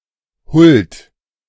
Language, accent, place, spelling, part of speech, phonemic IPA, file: German, Germany, Berlin, Huld, noun, /hʊlt/, De-Huld.ogg
- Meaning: 1. favor; goodwill; benevolent regard (to a subject, from someone higher up in social hierarchy) 2. grace (free and undeserved favour, especially of God; divine assistance in resisting sin)